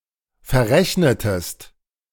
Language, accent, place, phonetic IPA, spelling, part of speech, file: German, Germany, Berlin, [fɛɐ̯ˈʁɛçnətəst], verrechnetest, verb, De-verrechnetest.ogg
- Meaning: inflection of verrechnen: 1. second-person singular preterite 2. second-person singular subjunctive II